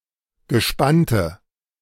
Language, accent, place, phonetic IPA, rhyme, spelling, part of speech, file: German, Germany, Berlin, [ɡəˈʃpantə], -antə, gespannte, adjective, De-gespannte.ogg
- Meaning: inflection of gespannt: 1. strong/mixed nominative/accusative feminine singular 2. strong nominative/accusative plural 3. weak nominative all-gender singular